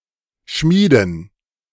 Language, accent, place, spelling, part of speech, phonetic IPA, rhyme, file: German, Germany, Berlin, Schmieden, noun, [ˈʃmiːdn̩], -iːdn̩, De-Schmieden.ogg
- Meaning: 1. plural of Schmiede 2. dative plural of Schmied 3. gerund of schmieden